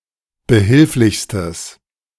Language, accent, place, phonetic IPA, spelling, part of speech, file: German, Germany, Berlin, [bəˈhɪlflɪçstəs], behilflichstes, adjective, De-behilflichstes.ogg
- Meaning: strong/mixed nominative/accusative neuter singular superlative degree of behilflich